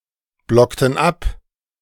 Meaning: inflection of abblocken: 1. first/third-person plural preterite 2. first/third-person plural subjunctive II
- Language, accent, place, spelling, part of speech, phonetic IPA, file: German, Germany, Berlin, blockten ab, verb, [ˌblɔktn̩ ˈap], De-blockten ab.ogg